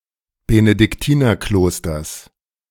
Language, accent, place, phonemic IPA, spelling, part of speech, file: German, Germany, Berlin, /benədɪkˈtiːnɐˌkloːstɐs/, Benediktinerklosters, noun, De-Benediktinerklosters.ogg
- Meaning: genitive singular of Benediktinerkloster